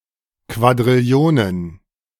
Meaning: plural of Quadrillion
- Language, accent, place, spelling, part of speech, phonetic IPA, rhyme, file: German, Germany, Berlin, Quadrillionen, noun, [kvadʁɪˈli̯oːnən], -oːnən, De-Quadrillionen.ogg